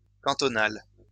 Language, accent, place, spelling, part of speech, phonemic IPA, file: French, France, Lyon, cantonal, adjective, /kɑ̃.tɔ.nal/, LL-Q150 (fra)-cantonal.wav
- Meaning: canton; cantonal